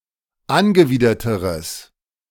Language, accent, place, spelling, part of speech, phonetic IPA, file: German, Germany, Berlin, angewiderteres, adjective, [ˈanɡəˌviːdɐtəʁəs], De-angewiderteres.ogg
- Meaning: strong/mixed nominative/accusative neuter singular comparative degree of angewidert